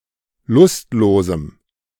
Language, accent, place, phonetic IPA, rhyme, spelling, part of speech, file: German, Germany, Berlin, [ˈlʊstˌloːzm̩], -ʊstloːzm̩, lustlosem, adjective, De-lustlosem.ogg
- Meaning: strong dative masculine/neuter singular of lustlos